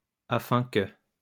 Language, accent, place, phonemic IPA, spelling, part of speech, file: French, France, Lyon, /a.fɛ̃ kə/, afin que, conjunction, LL-Q150 (fra)-afin que.wav
- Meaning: so that